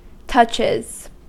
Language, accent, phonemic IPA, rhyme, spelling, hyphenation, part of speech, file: English, US, /ˈtʌt͡ʃɪz/, -ʌtʃɪz, touches, touch‧es, noun / verb, En-us-touches.ogg
- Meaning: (noun) plural of touch; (verb) third-person singular simple present indicative of touch